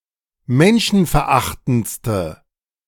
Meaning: inflection of menschenverachtend: 1. strong/mixed nominative/accusative feminine singular superlative degree 2. strong nominative/accusative plural superlative degree
- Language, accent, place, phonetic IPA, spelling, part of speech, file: German, Germany, Berlin, [ˈmɛnʃn̩fɛɐ̯ˌʔaxtn̩t͡stə], menschenverachtendste, adjective, De-menschenverachtendste.ogg